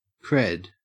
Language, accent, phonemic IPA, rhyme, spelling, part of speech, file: English, Australia, /kɹɛd/, -ɛd, cred, noun, En-au-cred.ogg
- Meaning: 1. Credibility 2. A credential 3. A credit (currency unit)